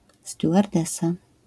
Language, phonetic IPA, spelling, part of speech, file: Polish, [ˌstʲjuʷarˈdɛsa], stewardesa, noun, LL-Q809 (pol)-stewardesa.wav